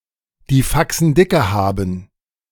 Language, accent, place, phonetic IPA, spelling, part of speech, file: German, Germany, Berlin, [diː ˈfaksn̩ dɪkə ˈhaːbm̩], die Faxen dicke haben, verb, De-die Faxen dicke haben.ogg
- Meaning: to have had enough